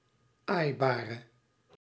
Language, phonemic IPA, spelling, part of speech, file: Dutch, /ˈajbarə/, aaibare, adjective, Nl-aaibare.ogg
- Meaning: inflection of aaibaar: 1. masculine/feminine singular attributive 2. definite neuter singular attributive 3. plural attributive